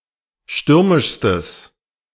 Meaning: strong/mixed nominative/accusative neuter singular superlative degree of stürmisch
- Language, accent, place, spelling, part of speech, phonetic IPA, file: German, Germany, Berlin, stürmischstes, adjective, [ˈʃtʏʁmɪʃstəs], De-stürmischstes.ogg